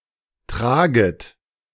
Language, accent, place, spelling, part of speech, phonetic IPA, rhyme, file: German, Germany, Berlin, traget, verb, [ˈtʁaːɡət], -aːɡət, De-traget.ogg
- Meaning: second-person plural subjunctive I of tragen